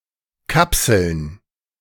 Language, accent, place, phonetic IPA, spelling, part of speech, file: German, Germany, Berlin, [ˈkapsl̩n], Kapseln, noun, De-Kapseln.ogg
- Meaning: plural of Kapsel